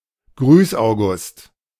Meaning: someone who acts as a representative and is often tasked with welcoming guests or customers: 1. a receptionist etc 2. a politician or official with a merely symbolic function and no real power
- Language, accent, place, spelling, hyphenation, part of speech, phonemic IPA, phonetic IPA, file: German, Germany, Berlin, Grüßaugust, Grüß‧au‧gust, noun, /ˈɡryːsˌaʊ̯ɡʊst/, [ˈɡʁyːsˌʔaʊ̯.ɡʊst], De-Grüßaugust.ogg